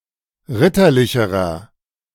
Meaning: inflection of ritterlich: 1. strong/mixed nominative masculine singular comparative degree 2. strong genitive/dative feminine singular comparative degree 3. strong genitive plural comparative degree
- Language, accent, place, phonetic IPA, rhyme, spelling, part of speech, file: German, Germany, Berlin, [ˈʁɪtɐˌlɪçəʁɐ], -ɪtɐlɪçəʁɐ, ritterlicherer, adjective, De-ritterlicherer.ogg